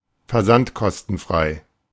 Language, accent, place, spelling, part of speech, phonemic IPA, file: German, Germany, Berlin, versandkostenfrei, adjective, /fɛɐ̯ˈzantkɔstn̩ˌfʁaɪ̯/, De-versandkostenfrei.ogg
- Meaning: free of shipping costs